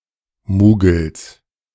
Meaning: genitive singular of Mugel
- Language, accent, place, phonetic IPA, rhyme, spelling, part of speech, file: German, Germany, Berlin, [ˈmuːɡl̩s], -uːɡl̩s, Mugels, noun, De-Mugels.ogg